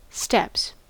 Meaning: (noun) 1. plural of step 2. a course followed by a person in walking or as walking 3. a flight of stairs, especially out of doors 4. stepladder
- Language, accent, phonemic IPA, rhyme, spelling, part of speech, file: English, US, /stɛps/, -ɛps, steps, noun / verb, En-us-steps.ogg